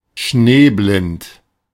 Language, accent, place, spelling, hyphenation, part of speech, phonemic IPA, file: German, Germany, Berlin, schneeblind, schnee‧blind, adjective, /ˈʃneːˌblɪnt/, De-schneeblind.ogg
- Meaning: snowblind